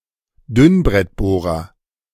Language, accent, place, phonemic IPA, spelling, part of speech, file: German, Germany, Berlin, /ˈdʏnbrɛtboːrɐ/, Dünnbrettbohrer, noun, De-Dünnbrettbohrer.ogg
- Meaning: 1. intellectual lightweight (person) 2. slacker